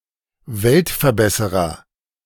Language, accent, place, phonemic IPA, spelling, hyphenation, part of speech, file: German, Germany, Berlin, /ˈvɛltfɛɐ̯ˌbɛsəʁɐ/, Weltverbesserer, Welt‧ver‧bes‧se‧rer, noun, De-Weltverbesserer.ogg
- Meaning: 1. do-gooder 2. a starry-eyed idealist